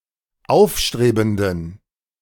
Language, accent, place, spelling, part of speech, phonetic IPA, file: German, Germany, Berlin, aufstrebenden, adjective, [ˈaʊ̯fˌʃtʁeːbn̩dən], De-aufstrebenden.ogg
- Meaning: inflection of aufstrebend: 1. strong genitive masculine/neuter singular 2. weak/mixed genitive/dative all-gender singular 3. strong/weak/mixed accusative masculine singular 4. strong dative plural